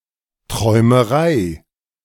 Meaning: 1. dreaming 2. dream, fantasy
- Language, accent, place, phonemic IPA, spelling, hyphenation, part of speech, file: German, Germany, Berlin, /ˌtʁɔɪ̯məˈʁaɪ̯/, Träumerei, Träu‧me‧rei, noun, De-Träumerei.ogg